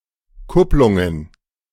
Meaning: plural of Kupplung
- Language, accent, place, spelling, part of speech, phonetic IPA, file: German, Germany, Berlin, Kupplungen, noun, [ˈkʊplʊŋən], De-Kupplungen.ogg